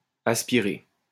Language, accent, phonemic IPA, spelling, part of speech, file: French, France, /as.pi.ʁe/, aspirée, verb, LL-Q150 (fra)-aspirée.wav
- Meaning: feminine singular of aspiré